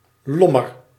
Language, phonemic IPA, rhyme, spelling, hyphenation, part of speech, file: Dutch, /ˈlɔ.mər/, -ɔmər, lommer, lom‧mer, noun, Nl-lommer.ogg
- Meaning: 1. shade, shadow 2. foliage